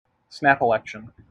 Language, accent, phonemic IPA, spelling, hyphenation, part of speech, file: English, General American, /ˌsnæp iˈlɛkʃ(ə)n/, snap election, snap elect‧ion, noun, En-us-snap election.mp3
- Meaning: An election that is called earlier than the regularly scheduled election time